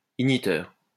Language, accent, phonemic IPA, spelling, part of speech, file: French, France, /iɡ.ni.tœʁ/, igniteur, noun, LL-Q150 (fra)-igniteur.wav
- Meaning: igniter (device)